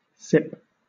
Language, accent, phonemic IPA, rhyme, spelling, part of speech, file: English, Southern England, /sɪp/, -ɪp, sip, noun / verb, LL-Q1860 (eng)-sip.wav
- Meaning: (noun) 1. A small mouthful of drink 2. An event at which people drink alcohol in small, usually subintoxicating amounts; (verb) To drink slowly, small mouthfuls at a time